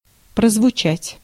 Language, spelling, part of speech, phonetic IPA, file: Russian, прозвучать, verb, [prəzvʊˈt͡ɕætʲ], Ru-прозвучать.ogg
- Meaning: 1. to sound 2. to be heard (of sound, voice) 3. to be discernible (of emotion, mood in a voice or words) 4. to sound (of impression) 5. to be known widely